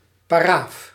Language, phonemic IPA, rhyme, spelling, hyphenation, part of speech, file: Dutch, /paːˈraːf/, -aːf, paraaf, pa‧raaf, noun, Nl-paraaf.ogg
- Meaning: one's initials used as alternative for an autograph when signing